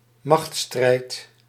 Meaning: power struggle, battle or contest for power
- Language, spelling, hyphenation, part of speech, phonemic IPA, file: Dutch, machtsstrijd, machts‧strijd, noun, /ˈmɑx(t).strɛi̯t/, Nl-machtsstrijd.ogg